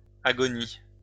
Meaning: plural of agonie
- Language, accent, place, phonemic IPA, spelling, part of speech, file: French, France, Lyon, /a.ɡɔ.ni/, agonies, noun, LL-Q150 (fra)-agonies.wav